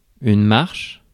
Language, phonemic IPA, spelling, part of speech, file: French, /maʁʃ/, marche, noun / verb, Fr-marche.ogg
- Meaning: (noun) 1. march (formal, rhythmic way of walking) 2. march (song in the genre of music written for marching) 3. walk (distance walked) 4. movement (of a vehicle) 5. functioning